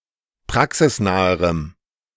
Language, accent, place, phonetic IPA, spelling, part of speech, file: German, Germany, Berlin, [ˈpʁaksɪsˌnaːəʁəm], praxisnaherem, adjective, De-praxisnaherem.ogg
- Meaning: strong dative masculine/neuter singular comparative degree of praxisnah